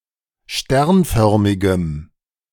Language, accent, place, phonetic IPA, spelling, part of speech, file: German, Germany, Berlin, [ˈʃtɛʁnˌfœʁmɪɡəm], sternförmigem, adjective, De-sternförmigem.ogg
- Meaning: strong dative masculine/neuter singular of sternförmig